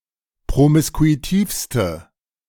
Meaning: inflection of promiskuitiv: 1. strong/mixed nominative/accusative feminine singular superlative degree 2. strong nominative/accusative plural superlative degree
- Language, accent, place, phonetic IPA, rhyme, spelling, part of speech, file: German, Germany, Berlin, [pʁomɪskuiˈtiːfstə], -iːfstə, promiskuitivste, adjective, De-promiskuitivste.ogg